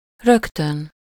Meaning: immediately
- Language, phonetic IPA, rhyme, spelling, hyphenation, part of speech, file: Hungarian, [ˈrøktøn], -øn, rögtön, rög‧tön, adverb, Hu-rögtön.ogg